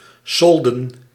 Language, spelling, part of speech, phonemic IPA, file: Dutch, solden, noun / verb, /ˈsɔldə(n)/, Nl-solden.ogg
- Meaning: sale (a period of reduced prices)